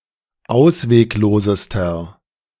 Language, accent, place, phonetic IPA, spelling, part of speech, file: German, Germany, Berlin, [ˈaʊ̯sveːkˌloːzəstɐ], ausweglosester, adjective, De-ausweglosester.ogg
- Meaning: inflection of ausweglos: 1. strong/mixed nominative masculine singular superlative degree 2. strong genitive/dative feminine singular superlative degree 3. strong genitive plural superlative degree